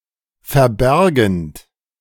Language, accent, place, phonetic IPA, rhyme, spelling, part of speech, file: German, Germany, Berlin, [fɛɐ̯ˈbɛʁɡn̩t], -ɛʁɡn̩t, verbergend, verb, De-verbergend.ogg
- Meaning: present participle of verbergen